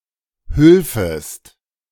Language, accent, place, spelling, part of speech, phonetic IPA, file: German, Germany, Berlin, hülfest, verb, [ˈhʏlfəst], De-hülfest.ogg
- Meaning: second-person singular subjunctive II of helfen